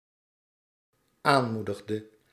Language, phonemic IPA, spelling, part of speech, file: Dutch, /ˈanmudəɣdə/, aanmoedigde, verb, Nl-aanmoedigde.ogg
- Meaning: inflection of aanmoedigen: 1. singular dependent-clause past indicative 2. singular dependent-clause past subjunctive